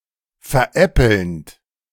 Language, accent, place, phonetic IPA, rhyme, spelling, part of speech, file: German, Germany, Berlin, [fɛɐ̯ˈʔɛpl̩nt], -ɛpl̩nt, veräppelnd, verb, De-veräppelnd.ogg
- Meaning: present participle of veräppeln